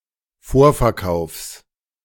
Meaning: genitive singular of Vorverkauf
- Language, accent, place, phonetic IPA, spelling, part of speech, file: German, Germany, Berlin, [ˈfoːɐ̯fɛɐ̯ˌkaʊ̯fs], Vorverkaufs, noun, De-Vorverkaufs.ogg